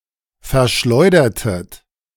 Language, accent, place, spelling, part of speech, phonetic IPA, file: German, Germany, Berlin, verschleudertet, verb, [fɛɐ̯ˈʃlɔɪ̯dɐtət], De-verschleudertet.ogg
- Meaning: inflection of verschleudern: 1. second-person plural preterite 2. second-person plural subjunctive II